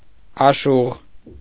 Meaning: 1. ashugh 2. lover
- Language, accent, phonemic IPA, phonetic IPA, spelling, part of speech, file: Armenian, Eastern Armenian, /ɑˈʃuʁ/, [ɑʃúʁ], աշուղ, noun, Hy-աշուղ.ogg